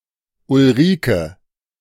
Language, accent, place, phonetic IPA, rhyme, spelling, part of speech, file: German, Germany, Berlin, [ʊlˈʁiːkə], -iːkə, Ulrike, proper noun, De-Ulrike.ogg
- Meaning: a female given name, masculine equivalent Ulrich, equivalent to English Ulrica